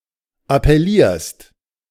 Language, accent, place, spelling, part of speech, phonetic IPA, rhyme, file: German, Germany, Berlin, appellierst, verb, [apɛˈliːɐ̯st], -iːɐ̯st, De-appellierst.ogg
- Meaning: second-person singular present of appellieren